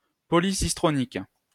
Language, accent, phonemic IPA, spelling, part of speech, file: French, France, /pɔ.li.sis.tʁɔ.nik/, polycistronique, adjective, LL-Q150 (fra)-polycistronique.wav
- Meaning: polycistronic